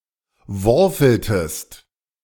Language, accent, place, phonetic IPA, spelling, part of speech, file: German, Germany, Berlin, [ˈvɔʁfl̩təst], worfeltest, verb, De-worfeltest.ogg
- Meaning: inflection of worfeln: 1. second-person singular preterite 2. second-person singular subjunctive II